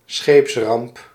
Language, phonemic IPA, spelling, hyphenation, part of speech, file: Dutch, /ˈsxeːps.rɑmp/, scheepsramp, scheeps‧ramp, noun, Nl-scheepsramp.ogg
- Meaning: a disaster involving a ship, a maritime disaster